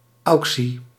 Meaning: auction, especially of books
- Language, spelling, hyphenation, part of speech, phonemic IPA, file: Dutch, auctie, auc‧tie, noun, /ˈɑu̯k.si/, Nl-auctie.ogg